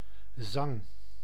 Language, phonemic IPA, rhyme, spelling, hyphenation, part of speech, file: Dutch, /zɑŋ/, -ɑŋ, zang, zang, noun, Nl-zang.ogg
- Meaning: singing, song